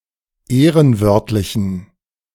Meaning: inflection of ehrenwörtlich: 1. strong genitive masculine/neuter singular 2. weak/mixed genitive/dative all-gender singular 3. strong/weak/mixed accusative masculine singular 4. strong dative plural
- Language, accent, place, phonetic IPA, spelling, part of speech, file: German, Germany, Berlin, [ˈeːʁənˌvœʁtlɪçn̩], ehrenwörtlichen, adjective, De-ehrenwörtlichen.ogg